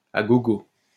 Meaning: à gogo; in abundance, galore
- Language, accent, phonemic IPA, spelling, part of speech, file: French, France, /a ɡɔ.ɡo/, à gogo, adverb, LL-Q150 (fra)-à gogo.wav